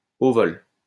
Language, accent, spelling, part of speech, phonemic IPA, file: French, France, au vol, adverb, /o vɔl/, LL-Q150 (fra)-au vol.wav
- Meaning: 1. while an object is still moving through the air, in flight 2. on the fly